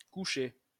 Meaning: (verb) past participle of coucher; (adjective) 1. in bed 2. lying
- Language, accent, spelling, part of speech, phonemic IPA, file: French, France, couché, verb / adjective, /ku.ʃe/, LL-Q150 (fra)-couché.wav